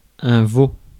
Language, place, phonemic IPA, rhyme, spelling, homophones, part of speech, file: French, Paris, /vo/, -o, veau, vaut / vaux / veaux / vos, noun, Fr-veau.ogg
- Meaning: 1. calf 2. veal 3. white-coated harp seal pup (Pagophilus groenlandicus)